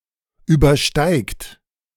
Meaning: inflection of übersteigen: 1. third-person singular present 2. second-person plural present 3. plural imperative
- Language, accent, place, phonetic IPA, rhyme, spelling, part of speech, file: German, Germany, Berlin, [ˌyːbɐˈʃtaɪ̯kt], -aɪ̯kt, übersteigt, verb, De-übersteigt.ogg